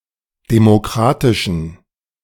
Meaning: inflection of demokratisch: 1. strong genitive masculine/neuter singular 2. weak/mixed genitive/dative all-gender singular 3. strong/weak/mixed accusative masculine singular 4. strong dative plural
- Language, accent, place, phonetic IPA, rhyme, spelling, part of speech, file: German, Germany, Berlin, [demoˈkʁaːtɪʃn̩], -aːtɪʃn̩, demokratischen, adjective, De-demokratischen.ogg